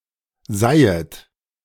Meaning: second-person plural subjunctive I of seihen
- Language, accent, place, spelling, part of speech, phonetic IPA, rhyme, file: German, Germany, Berlin, seihet, verb, [ˈzaɪ̯ət], -aɪ̯ət, De-seihet.ogg